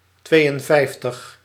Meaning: fifty-two
- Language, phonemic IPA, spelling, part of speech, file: Dutch, /ˈtʋeːjənˌvɛi̯ftəx/, tweeënvijftig, numeral, Nl-tweeënvijftig.ogg